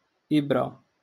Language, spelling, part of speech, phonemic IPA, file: Moroccan Arabic, إبرة, noun, /ʔib.ra/, LL-Q56426 (ary)-إبرة.wav
- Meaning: needle